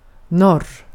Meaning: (noun) north; one of the four major compass points; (adverb) north; northward
- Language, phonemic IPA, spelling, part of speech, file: Swedish, /nɔrː/, norr, noun / adverb, Sv-norr.ogg